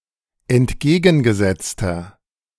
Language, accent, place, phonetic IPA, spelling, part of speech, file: German, Germany, Berlin, [ɛntˈɡeːɡn̩ɡəˌzɛt͡stɐ], entgegengesetzter, adjective, De-entgegengesetzter.ogg
- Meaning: inflection of entgegengesetzt: 1. strong/mixed nominative masculine singular 2. strong genitive/dative feminine singular 3. strong genitive plural